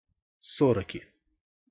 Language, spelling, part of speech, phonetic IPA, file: Russian, сороки, noun, [sɐˈrokʲɪ], Ru-сороки.ogg
- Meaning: inflection of соро́ка (soróka): 1. genitive singular 2. nominative plural